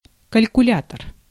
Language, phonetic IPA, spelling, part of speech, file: Russian, [kəlʲkʊˈlʲatər], калькулятор, noun, Ru-калькулятор.ogg
- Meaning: calculator (electronic device)